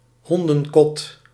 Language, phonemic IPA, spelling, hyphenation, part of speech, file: Dutch, /ˈɦɔn.də(n)ˌkɔt/, hondenkot, hon‧den‧kot, noun, Nl-hondenkot.ogg
- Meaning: 1. a doghouse, a kennel 2. a large classy hat, such as a top hat or bowler hat